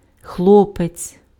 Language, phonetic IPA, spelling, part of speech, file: Ukrainian, [ˈxɫɔpet͡sʲ], хлопець, noun, Uk-хлопець.ogg
- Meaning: 1. boy, lad 2. boyfriend